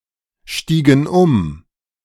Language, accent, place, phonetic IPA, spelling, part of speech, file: German, Germany, Berlin, [ˌʃtiːɡŋ̩ ˈʊm], stiegen um, verb, De-stiegen um.ogg
- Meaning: inflection of umsteigen: 1. first/third-person plural preterite 2. first/third-person plural subjunctive II